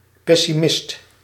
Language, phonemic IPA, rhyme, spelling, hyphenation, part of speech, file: Dutch, /pɛ.siˈmɪst/, -ɪst, pessimist, pes‧si‧mist, noun, Nl-pessimist.ogg
- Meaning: pessimist